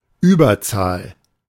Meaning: majority, superior number(s)
- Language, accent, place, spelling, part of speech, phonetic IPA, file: German, Germany, Berlin, Überzahl, noun, [ˈyːbɐˌt͡saːl], De-Überzahl.ogg